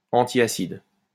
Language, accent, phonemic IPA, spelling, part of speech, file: French, France, /ɑ̃.ti.a.sid/, antiacide, adjective / noun, LL-Q150 (fra)-antiacide.wav
- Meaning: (adjective) antacid